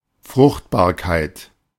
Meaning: fertility
- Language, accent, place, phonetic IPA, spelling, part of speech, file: German, Germany, Berlin, [ˈfʁʊxtbaːɐ̯kaɪ̯t], Fruchtbarkeit, noun, De-Fruchtbarkeit.ogg